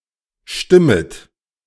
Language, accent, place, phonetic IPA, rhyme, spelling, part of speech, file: German, Germany, Berlin, [ˈʃtɪmət], -ɪmət, stimmet, verb, De-stimmet.ogg
- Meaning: second-person plural subjunctive I of stimmen